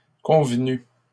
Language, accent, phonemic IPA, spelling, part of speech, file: French, Canada, /kɔ̃v.ny/, convenu, verb, LL-Q150 (fra)-convenu.wav
- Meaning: past participle of convenir